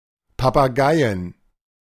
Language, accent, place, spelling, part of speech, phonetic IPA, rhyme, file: German, Germany, Berlin, Papageien, noun, [papaˈɡaɪ̯ən], -aɪ̯ən, De-Papageien.ogg
- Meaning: plural of Papagei "parrots"